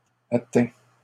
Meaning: masculine plural of atteint
- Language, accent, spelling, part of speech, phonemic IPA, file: French, Canada, atteints, verb, /a.tɛ̃/, LL-Q150 (fra)-atteints.wav